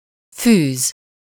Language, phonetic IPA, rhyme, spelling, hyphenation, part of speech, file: Hungarian, [ˈfyːz], -yːz, fűz, fűz, verb / noun, Hu-fűz.ogg
- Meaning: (verb) 1. to lace (to fasten a shoe with laces) 2. to thread (to put thread through a needle) 3. to string (to put items on a string) 4. to sew, to stitch (to bind a book by sewing the pages together)